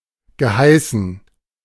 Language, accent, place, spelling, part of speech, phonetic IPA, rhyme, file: German, Germany, Berlin, geheißen, verb, [ɡəˈhaɪ̯sn̩], -aɪ̯sn̩, De-geheißen.ogg
- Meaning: past participle of heißen